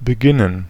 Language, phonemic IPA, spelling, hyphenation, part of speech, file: German, /bəˈɡɪnən/, beginnen, be‧gin‧nen, verb, De-beginnen.ogg
- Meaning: 1. to begin; to commence; to be started 2. to start, to begin